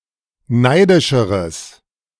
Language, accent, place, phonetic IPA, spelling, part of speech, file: German, Germany, Berlin, [ˈnaɪ̯dɪʃəʁəs], neidischeres, adjective, De-neidischeres.ogg
- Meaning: strong/mixed nominative/accusative neuter singular comparative degree of neidisch